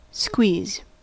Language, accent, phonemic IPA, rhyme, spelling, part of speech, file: English, US, /skwiːz/, -iːz, squeeze, verb / noun, En-us-squeeze.ogg
- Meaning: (verb) 1. To apply pressure (to something) from two or more sides at once 2. To embrace closely; to give a tight hug to 3. To fit into a tight place